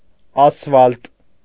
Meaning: 1. asphalt (sticky, black and highly viscous liquid or semi-solid) 2. asphalt concrete
- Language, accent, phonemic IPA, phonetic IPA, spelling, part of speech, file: Armenian, Eastern Armenian, /ɑsˈfɑlt/, [ɑsfɑ́lt], ասֆալտ, noun, Hy-ասֆալտ.ogg